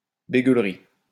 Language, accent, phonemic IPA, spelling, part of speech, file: French, France, /be.ɡœl.ʁi/, bégueulerie, noun, LL-Q150 (fra)-bégueulerie.wav
- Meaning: prudery, prudishness